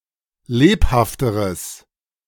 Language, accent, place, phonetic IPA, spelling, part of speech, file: German, Germany, Berlin, [ˈleːphaftəʁəs], lebhafteres, adjective, De-lebhafteres.ogg
- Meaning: strong/mixed nominative/accusative neuter singular comparative degree of lebhaft